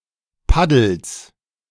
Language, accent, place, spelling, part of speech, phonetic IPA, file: German, Germany, Berlin, Paddels, noun, [ˈpadl̩s], De-Paddels.ogg
- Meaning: genitive of Paddel